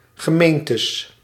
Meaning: plural of gemeente
- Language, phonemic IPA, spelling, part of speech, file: Dutch, /ɣəˈmentəs/, gemeentes, noun, Nl-gemeentes.ogg